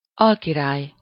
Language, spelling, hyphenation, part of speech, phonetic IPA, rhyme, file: Hungarian, alkirály, al‧ki‧rály, noun, [ˈɒlkiraːj], -aːj, Hu-alkirály.ogg
- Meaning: viceroy (one who governs a country, province, or colony as the representative of a monarch)